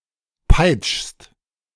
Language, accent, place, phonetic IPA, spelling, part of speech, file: German, Germany, Berlin, [paɪ̯t͡ʃst], peitschst, verb, De-peitschst.ogg
- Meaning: second-person singular present of peitschen